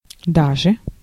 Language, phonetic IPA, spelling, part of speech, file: Russian, [ˈdaʐɨ], даже, adverb, Ru-даже.ogg
- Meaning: even